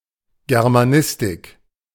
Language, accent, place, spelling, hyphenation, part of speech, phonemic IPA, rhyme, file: German, Germany, Berlin, Germanistik, Ger‧ma‧nis‧tik, noun, /ɡɛʁmaˈnɪstɪk/, -ɪstɪk, De-Germanistik.ogg
- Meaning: 1. German studies (German language, literature, and culture) 2. Germanic studies (Germanic languages, literatures, and cultures)